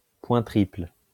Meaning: triple point
- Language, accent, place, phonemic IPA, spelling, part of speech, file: French, France, Lyon, /pwɛ̃ tʁipl/, point triple, noun, LL-Q150 (fra)-point triple.wav